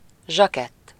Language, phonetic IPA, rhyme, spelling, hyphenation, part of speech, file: Hungarian, [ˈʒɒkɛtː], -ɛtː, zsakett, zsa‧kett, noun, Hu-zsakett.ogg
- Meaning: morning coat, cutaway